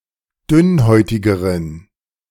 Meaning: inflection of dünnhäutig: 1. strong genitive masculine/neuter singular comparative degree 2. weak/mixed genitive/dative all-gender singular comparative degree
- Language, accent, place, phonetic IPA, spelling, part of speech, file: German, Germany, Berlin, [ˈdʏnˌhɔɪ̯tɪɡəʁən], dünnhäutigeren, adjective, De-dünnhäutigeren.ogg